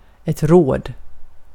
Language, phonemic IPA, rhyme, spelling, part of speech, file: Swedish, /roːd/, -oːd, råd, noun / verb, Sv-råd.ogg
- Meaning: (noun) 1. a piece of advice, counsel 2. enough money (to buy something) 3. enough of some other value 4. a suitable way to solve a problem